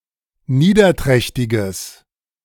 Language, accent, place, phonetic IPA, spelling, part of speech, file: German, Germany, Berlin, [ˈniːdɐˌtʁɛçtɪɡəs], niederträchtiges, adjective, De-niederträchtiges.ogg
- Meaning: strong/mixed nominative/accusative neuter singular of niederträchtig